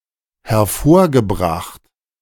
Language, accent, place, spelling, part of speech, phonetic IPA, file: German, Germany, Berlin, hervorgebracht, verb, [hɛɐ̯ˈfoːɐ̯ɡəˌbʁaxt], De-hervorgebracht.ogg
- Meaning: past participle of hervorbringen